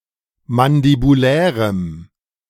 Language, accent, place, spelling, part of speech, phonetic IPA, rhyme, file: German, Germany, Berlin, mandibulärem, adjective, [mandibuˈlɛːʁəm], -ɛːʁəm, De-mandibulärem.ogg
- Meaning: strong dative masculine/neuter singular of mandibulär